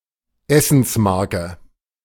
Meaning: food stamp
- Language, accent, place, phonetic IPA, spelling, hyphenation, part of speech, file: German, Germany, Berlin, [ˈɛsn̩sˌmaʁkə], Essensmarke, Es‧sens‧mar‧ke, noun, De-Essensmarke.ogg